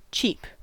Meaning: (verb) 1. Of a small bird, to make short, high-pitched sounds 2. To express in a chirping tone; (noun) A short, high-pitched sound made by a small bird
- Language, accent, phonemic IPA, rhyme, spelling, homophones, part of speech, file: English, US, /t͡ʃiːp/, -iːp, cheep, cheap, verb / noun / interjection, En-us-cheep.ogg